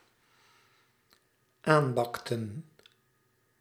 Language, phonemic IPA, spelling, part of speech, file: Dutch, /ˈambɑktə(n)/, aanbakten, verb, Nl-aanbakten.ogg
- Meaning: inflection of aanbakken: 1. plural dependent-clause past indicative 2. plural dependent-clause past subjunctive